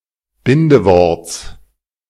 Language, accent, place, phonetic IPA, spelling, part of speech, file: German, Germany, Berlin, [ˈbɪndəˌvɔʁt͡s], Bindeworts, noun, De-Bindeworts.ogg
- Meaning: genitive singular of Bindewort